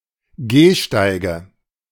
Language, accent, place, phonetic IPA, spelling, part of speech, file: German, Germany, Berlin, [ˈɡeːˌʃtaɪ̯ɡə], Gehsteige, noun, De-Gehsteige.ogg
- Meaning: nominative/accusative/genitive plural of Gehsteig